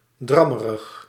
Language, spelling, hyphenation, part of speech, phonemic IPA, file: Dutch, drammerig, drammerig, adjective, /ˈdrɑ.mə.rəx/, Nl-drammerig.ogg
- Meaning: boring, nagging, wearisome